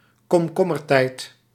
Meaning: silly season
- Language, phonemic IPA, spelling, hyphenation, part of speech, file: Dutch, /kɔmˈkɔ.mərˌtɛi̯t/, komkommertijd, kom‧kom‧mer‧tijd, noun, Nl-komkommertijd.ogg